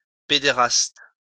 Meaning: 1. pederast 2. homosexual
- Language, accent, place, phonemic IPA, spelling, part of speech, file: French, France, Lyon, /pe.de.ʁast/, pédéraste, noun, LL-Q150 (fra)-pédéraste.wav